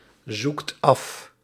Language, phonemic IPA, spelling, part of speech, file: Dutch, /ˈzukt ˈɑf/, zoekt af, verb, Nl-zoekt af.ogg
- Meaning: inflection of afzoeken: 1. second/third-person singular present indicative 2. plural imperative